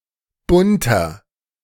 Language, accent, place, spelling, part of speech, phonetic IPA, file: German, Germany, Berlin, bunter, adjective, [ˈbʊntɐ], De-bunter.ogg
- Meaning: 1. comparative degree of bunt 2. inflection of bunt: strong/mixed nominative masculine singular 3. inflection of bunt: strong genitive/dative feminine singular